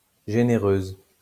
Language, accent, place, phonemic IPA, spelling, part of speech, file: French, France, Lyon, /ʒe.ne.ʁøz/, généreuse, adjective, LL-Q150 (fra)-généreuse.wav
- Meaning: feminine singular of généreux